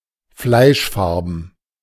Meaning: flesh-coloured
- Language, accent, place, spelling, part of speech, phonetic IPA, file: German, Germany, Berlin, fleischfarben, adjective, [ˈflaɪ̯ʃˌfaʁbn̩], De-fleischfarben.ogg